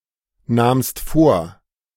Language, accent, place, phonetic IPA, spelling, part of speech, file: German, Germany, Berlin, [ˌnaːmst ˈfoːɐ̯], nahmst vor, verb, De-nahmst vor.ogg
- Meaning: second-person singular preterite of vornehmen